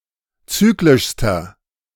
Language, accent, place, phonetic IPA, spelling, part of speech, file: German, Germany, Berlin, [ˈt͡syːklɪʃstɐ], zyklischster, adjective, De-zyklischster.ogg
- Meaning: inflection of zyklisch: 1. strong/mixed nominative masculine singular superlative degree 2. strong genitive/dative feminine singular superlative degree 3. strong genitive plural superlative degree